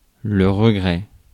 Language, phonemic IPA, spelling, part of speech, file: French, /ʁə.ɡʁɛ/, regret, noun, Fr-regret.ogg
- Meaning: 1. regret 2. nostalgia